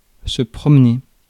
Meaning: 1. to walk (leisurely), to go for a walk, to stroll 2. to walk out (an animal) 3. to carry around, often with the implication of showing off
- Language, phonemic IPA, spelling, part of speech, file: French, /pʁɔm.ne/, promener, verb, Fr-promener.ogg